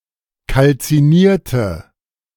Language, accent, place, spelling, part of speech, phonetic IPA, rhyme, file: German, Germany, Berlin, kalzinierte, adjective / verb, [kalt͡siˈniːɐ̯tə], -iːɐ̯tə, De-kalzinierte.ogg
- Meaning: inflection of kalziniert: 1. strong/mixed nominative/accusative feminine singular 2. strong nominative/accusative plural 3. weak nominative all-gender singular